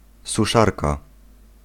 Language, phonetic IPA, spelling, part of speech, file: Polish, [suˈʃarka], suszarka, noun, Pl-suszarka.ogg